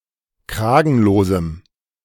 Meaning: strong dative masculine/neuter singular of kragenlos
- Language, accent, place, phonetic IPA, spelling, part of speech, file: German, Germany, Berlin, [ˈkʁaːɡn̩loːzm̩], kragenlosem, adjective, De-kragenlosem.ogg